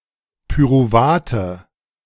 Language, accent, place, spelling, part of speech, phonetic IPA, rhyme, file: German, Germany, Berlin, Pyruvate, noun, [pyʁuˈvaːtə], -aːtə, De-Pyruvate.ogg
- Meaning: nominative/accusative/genitive plural of Pyruvat